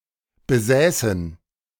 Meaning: first/third-person plural subjunctive II of besitzen
- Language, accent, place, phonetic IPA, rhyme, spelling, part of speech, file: German, Germany, Berlin, [bəˈzɛːsn̩], -ɛːsn̩, besäßen, verb, De-besäßen.ogg